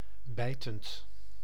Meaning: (verb) present participle of bijten; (adjective) 1. caustic, corrosive 2. biting, caustic, sarcastic
- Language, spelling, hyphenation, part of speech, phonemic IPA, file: Dutch, bijtend, bij‧tend, verb / adjective, /ˈbɛi̯.tənt/, Nl-bijtend.ogg